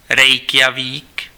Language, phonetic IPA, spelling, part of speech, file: Czech, [ˈrɛjkjaviːk], Reykjavík, proper noun, Cs-Reykjavík.ogg
- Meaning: Reykjavík (the capital city of Iceland)